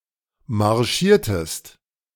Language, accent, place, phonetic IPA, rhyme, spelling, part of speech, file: German, Germany, Berlin, [maʁˈʃiːɐ̯təst], -iːɐ̯təst, marschiertest, verb, De-marschiertest.ogg
- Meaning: inflection of marschieren: 1. second-person singular preterite 2. second-person singular subjunctive II